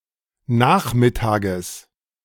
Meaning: genitive singular of Nachmittag
- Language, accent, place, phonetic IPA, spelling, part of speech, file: German, Germany, Berlin, [ˈnaːxmɪˌtaːɡəs], Nachmittages, noun, De-Nachmittages.ogg